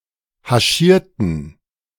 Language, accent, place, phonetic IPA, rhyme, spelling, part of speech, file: German, Germany, Berlin, [haˈʃiːɐ̯tn̩], -iːɐ̯tn̩, haschierten, adjective / verb, De-haschierten.ogg
- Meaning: inflection of haschieren: 1. first/third-person plural preterite 2. first/third-person plural subjunctive II